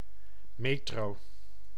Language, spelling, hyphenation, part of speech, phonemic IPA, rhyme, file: Dutch, metro, me‧tro, noun, /ˈmeː.troː/, -eːtroː, Nl-metro.ogg
- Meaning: 1. an underground railway or underground-railway system, a subway, a metro 2. an underground-railway train